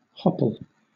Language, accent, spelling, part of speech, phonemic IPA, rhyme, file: English, Southern England, hopple, noun / verb, /ˈhɒpəl/, -ɒpəl, LL-Q1860 (eng)-hopple.wav
- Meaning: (noun) A fetter for horses or cattle when turned out to graze; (verb) 1. To impede by a hopple; to tie the feet of (a horse or a cow) loosely together; to hobble 2. To entangle; to hamper